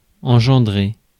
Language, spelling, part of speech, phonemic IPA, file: French, engendrer, verb, /ɑ̃.ʒɑ̃.dʁe/, Fr-engendrer.ogg
- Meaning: to generate, spawn, beget